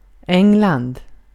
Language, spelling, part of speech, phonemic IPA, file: Swedish, England, proper noun, /ˈɛŋland/, Sv-England.ogg
- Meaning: England (a constituent country of the United Kingdom)